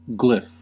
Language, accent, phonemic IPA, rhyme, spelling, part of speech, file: English, US, /ɡlɪf/, -ɪf, glyph, noun, En-us-glyph.ogg
- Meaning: A figure carved in relief or incised, especially representing a sound, word, or idea